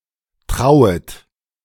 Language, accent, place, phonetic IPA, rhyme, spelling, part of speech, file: German, Germany, Berlin, [ˈtʁaʊ̯ət], -aʊ̯ət, trauet, verb, De-trauet.ogg
- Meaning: second-person plural subjunctive I of trauen